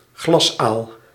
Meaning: 1. elver, young eel (of Anguilla anguilla) 2. elvers (of Anguilla anguilla)
- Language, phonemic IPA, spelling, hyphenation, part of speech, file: Dutch, /ˈɣlɑs.aːl/, glasaal, glas‧aal, noun, Nl-glasaal.ogg